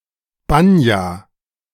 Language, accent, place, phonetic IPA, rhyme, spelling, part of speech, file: German, Germany, Berlin, [ˈbanja], -anja, Banja, noun, De-Banja.ogg
- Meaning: Russian banya